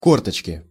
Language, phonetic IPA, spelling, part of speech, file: Russian, [ˈkortət͡ɕkʲɪ], корточки, noun, Ru-корточки.ogg
- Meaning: haunches